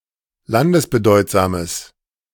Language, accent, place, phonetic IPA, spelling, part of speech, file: German, Germany, Berlin, [ˈlandəsbəˌdɔɪ̯tzaːməs], landesbedeutsames, adjective, De-landesbedeutsames.ogg
- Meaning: strong/mixed nominative/accusative neuter singular of landesbedeutsam